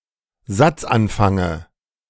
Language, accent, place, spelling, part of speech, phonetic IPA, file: German, Germany, Berlin, Satzanfange, noun, [ˈzat͡sʔanˌfaŋə], De-Satzanfange.ogg
- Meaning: dative of Satzanfang